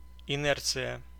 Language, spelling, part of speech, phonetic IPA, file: Russian, инерция, noun, [ɪˈnɛrt͡sɨjə], Ru-инерция.ogg
- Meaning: inertia